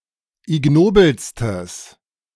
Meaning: strong/mixed nominative/accusative neuter singular superlative degree of ignobel
- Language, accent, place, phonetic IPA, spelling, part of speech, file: German, Germany, Berlin, [ɪˈɡnoːbl̩stəs], ignobelstes, adjective, De-ignobelstes.ogg